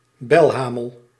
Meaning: 1. bellwether (the leading sheep of a flock, having a bell hung round its neck) 2. tomboy, rascal
- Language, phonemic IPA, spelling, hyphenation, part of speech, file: Dutch, /ˈbɛlɦaːməl/, belhamel, bel‧ha‧mel, noun, Nl-belhamel.ogg